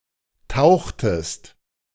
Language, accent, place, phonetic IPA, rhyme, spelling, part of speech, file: German, Germany, Berlin, [ˈtaʊ̯xtəst], -aʊ̯xtəst, tauchtest, verb, De-tauchtest.ogg
- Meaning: inflection of tauchen: 1. second-person singular preterite 2. second-person singular subjunctive II